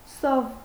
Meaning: 1. famine 2. hunger
- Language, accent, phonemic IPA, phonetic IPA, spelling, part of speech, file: Armenian, Eastern Armenian, /sov/, [sov], սով, noun, Hy-սով.ogg